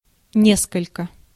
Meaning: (adverb) 1. somewhat, slightly, rather; some 2. multiple, a couple; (pronoun) a few, several, some
- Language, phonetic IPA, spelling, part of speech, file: Russian, [ˈnʲeskəlʲkə], несколько, adverb / pronoun, Ru-несколько.ogg